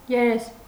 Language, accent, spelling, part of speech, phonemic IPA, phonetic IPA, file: Armenian, Eastern Armenian, երես, noun, /jeˈɾes/, [jeɾés], Hy-երես.ogg
- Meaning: face